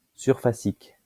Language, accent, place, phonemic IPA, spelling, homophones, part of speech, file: French, France, Lyon, /syʁ.fa.sik/, surfacique, surfaciques, adjective, LL-Q150 (fra)-surfacique.wav
- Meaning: surface; surficial